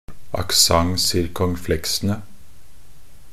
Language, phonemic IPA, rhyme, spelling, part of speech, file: Norwegian Bokmål, /akˈsaŋ.sɪrkɔŋˈflɛksənə/, -ənə, accent circonflexene, noun, Nb-accent circonflexene.ogg
- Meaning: definite plural of accent circonflexe